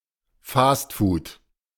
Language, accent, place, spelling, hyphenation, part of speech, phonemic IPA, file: German, Germany, Berlin, Fastfood, Fast‧food, noun, /ˈfaːstfuːt/, De-Fastfood.ogg
- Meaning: fast food